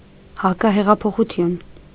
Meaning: counterrevolution
- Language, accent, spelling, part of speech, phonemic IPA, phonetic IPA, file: Armenian, Eastern Armenian, հակահեղափոխություն, noun, /hɑkɑheʁɑpʰoχuˈtʰjun/, [hɑkɑheʁɑpʰoχut͡sʰjún], Hy-հակահեղափոխություն.ogg